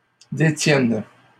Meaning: first/third-person singular present subjunctive of détenir
- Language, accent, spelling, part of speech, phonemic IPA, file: French, Canada, détienne, verb, /de.tjɛn/, LL-Q150 (fra)-détienne.wav